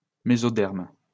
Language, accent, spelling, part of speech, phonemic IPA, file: French, France, mésoderme, noun, /me.zɔ.dɛʁm/, LL-Q150 (fra)-mésoderme.wav
- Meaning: mesoderm (tissue produced by gastrulation)